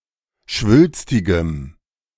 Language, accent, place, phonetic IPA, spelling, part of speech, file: German, Germany, Berlin, [ˈʃvʏlstɪɡəm], schwülstigem, adjective, De-schwülstigem.ogg
- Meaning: strong dative masculine/neuter singular of schwülstig